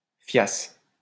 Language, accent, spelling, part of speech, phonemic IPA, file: French, France, fiasse, verb, /fjas/, LL-Q150 (fra)-fiasse.wav
- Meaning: first-person singular imperfect subjunctive of fier